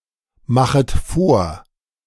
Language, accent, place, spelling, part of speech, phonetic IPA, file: German, Germany, Berlin, machet vor, verb, [ˌmaxət ˈfoːɐ̯], De-machet vor.ogg
- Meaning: second-person plural subjunctive I of vormachen